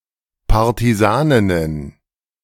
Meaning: plural of Partisanin
- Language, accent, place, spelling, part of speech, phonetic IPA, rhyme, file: German, Germany, Berlin, Partisaninnen, noun, [ˌpaʁtiˈzaːnɪnən], -aːnɪnən, De-Partisaninnen.ogg